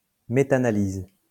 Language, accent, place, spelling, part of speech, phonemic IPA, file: French, France, Lyon, métanalyse, noun, /me.ta.na.liz/, LL-Q150 (fra)-métanalyse.wav
- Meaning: metanalysis